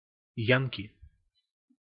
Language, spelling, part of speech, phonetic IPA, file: Russian, янки, noun, [ˈjankʲɪ], Ru-янки.ogg
- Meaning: Yankee